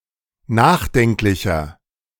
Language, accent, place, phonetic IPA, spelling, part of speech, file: German, Germany, Berlin, [ˈnaːxˌdɛŋklɪçɐ], nachdenklicher, adjective, De-nachdenklicher.ogg
- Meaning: 1. comparative degree of nachdenklich 2. inflection of nachdenklich: strong/mixed nominative masculine singular 3. inflection of nachdenklich: strong genitive/dative feminine singular